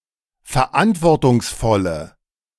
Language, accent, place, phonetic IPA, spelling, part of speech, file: German, Germany, Berlin, [fɛɐ̯ˈʔantvɔʁtʊŋsˌfɔlə], verantwortungsvolle, adjective, De-verantwortungsvolle.ogg
- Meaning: inflection of verantwortungsvoll: 1. strong/mixed nominative/accusative feminine singular 2. strong nominative/accusative plural 3. weak nominative all-gender singular